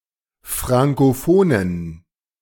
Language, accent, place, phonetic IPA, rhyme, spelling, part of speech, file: German, Germany, Berlin, [ˌfʁaŋkoˈfoːnən], -oːnən, frankophonen, adjective, De-frankophonen.ogg
- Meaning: inflection of frankophon: 1. strong genitive masculine/neuter singular 2. weak/mixed genitive/dative all-gender singular 3. strong/weak/mixed accusative masculine singular 4. strong dative plural